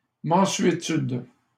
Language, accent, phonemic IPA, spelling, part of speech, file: French, Canada, /mɑ̃.sɥe.tyd/, mansuétude, noun, LL-Q150 (fra)-mansuétude.wav
- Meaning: 1. indulgence, leniency 2. calmness, serenity